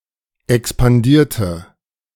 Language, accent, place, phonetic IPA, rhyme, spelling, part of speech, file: German, Germany, Berlin, [ɛkspanˈdiːɐ̯tə], -iːɐ̯tə, expandierte, adjective / verb, De-expandierte.ogg
- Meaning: inflection of expandieren: 1. first/third-person singular preterite 2. first/third-person singular subjunctive II